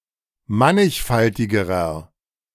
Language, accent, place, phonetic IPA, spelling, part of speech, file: German, Germany, Berlin, [ˈmanɪçˌfaltɪɡəʁɐ], mannigfaltigerer, adjective, De-mannigfaltigerer.ogg
- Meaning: inflection of mannigfaltig: 1. strong/mixed nominative masculine singular comparative degree 2. strong genitive/dative feminine singular comparative degree 3. strong genitive plural comparative degree